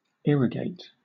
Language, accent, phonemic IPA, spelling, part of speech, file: English, Southern England, /ˈɪɹəˌɡeɪt/, irrigate, verb, LL-Q1860 (eng)-irrigate.wav
- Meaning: 1. To supply (farmland) with water, by building ditches, pipes, etc 2. To clean (a wound) with a fluid